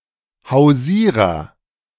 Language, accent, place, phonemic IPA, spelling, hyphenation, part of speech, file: German, Germany, Berlin, /haʊ̯ˈziːʁɐ/, Hausierer, Hau‧sie‧rer, noun, De-Hausierer.ogg
- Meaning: door-to-door salesman